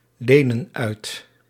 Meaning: inflection of uitlenen: 1. plural present indicative 2. plural present subjunctive
- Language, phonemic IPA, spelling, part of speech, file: Dutch, /ˈlenə(n) ˈœyt/, lenen uit, verb, Nl-lenen uit.ogg